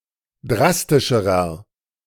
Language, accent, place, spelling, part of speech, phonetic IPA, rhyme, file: German, Germany, Berlin, drastischerer, adjective, [ˈdʁastɪʃəʁɐ], -astɪʃəʁɐ, De-drastischerer.ogg
- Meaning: inflection of drastisch: 1. strong/mixed nominative masculine singular comparative degree 2. strong genitive/dative feminine singular comparative degree 3. strong genitive plural comparative degree